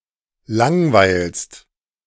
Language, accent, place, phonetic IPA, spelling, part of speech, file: German, Germany, Berlin, [ˈlaŋˌvaɪ̯lst], langweilst, verb, De-langweilst.ogg
- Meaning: second-person singular present of langweilen